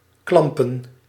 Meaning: to cling, to hold
- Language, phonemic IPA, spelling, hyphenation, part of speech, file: Dutch, /ˈklɑm.pə(n)/, klampen, klam‧pen, verb, Nl-klampen.ogg